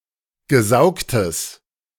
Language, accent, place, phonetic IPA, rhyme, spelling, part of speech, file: German, Germany, Berlin, [ɡəˈzaʊ̯ktəs], -aʊ̯ktəs, gesaugtes, adjective, De-gesaugtes.ogg
- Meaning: strong/mixed nominative/accusative neuter singular of gesaugt